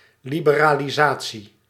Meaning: liberalisation
- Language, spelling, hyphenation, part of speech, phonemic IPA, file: Dutch, liberalisatie, li‧be‧ra‧li‧sa‧tie, noun, /ˌli.bə.raː.liˈzaː.(t)si/, Nl-liberalisatie.ogg